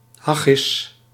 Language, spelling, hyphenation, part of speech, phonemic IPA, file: Dutch, haggis, hag‧gis, noun, /ˈɦɛ.ɡɪs/, Nl-haggis.ogg
- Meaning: haggis